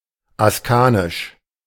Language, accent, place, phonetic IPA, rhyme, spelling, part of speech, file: German, Germany, Berlin, [asˈkaːnɪʃ], -aːnɪʃ, askanisch, adjective, De-askanisch.ogg
- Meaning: of the House of Ascania